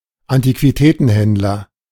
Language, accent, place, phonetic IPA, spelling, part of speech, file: German, Germany, Berlin, [antikviˈtɛːtn̩ˌhɛndlɐ], Antiquitätenhändler, noun, De-Antiquitätenhändler.ogg
- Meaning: antique dealer, antiques dealer (dealer in antiques) (male or of unspecified gender)